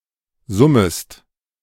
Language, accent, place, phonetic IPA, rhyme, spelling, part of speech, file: German, Germany, Berlin, [ˈzʊməst], -ʊməst, summest, verb, De-summest.ogg
- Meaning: second-person singular subjunctive I of summen